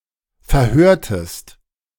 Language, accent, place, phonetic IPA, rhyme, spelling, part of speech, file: German, Germany, Berlin, [fɛɐ̯ˈhøːɐ̯təst], -øːɐ̯təst, verhörtest, verb, De-verhörtest.ogg
- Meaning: inflection of verhören: 1. second-person singular preterite 2. second-person singular subjunctive II